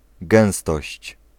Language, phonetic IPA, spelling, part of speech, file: Polish, [ˈɡɛ̃w̃stɔɕt͡ɕ], gęstość, noun, Pl-gęstość.ogg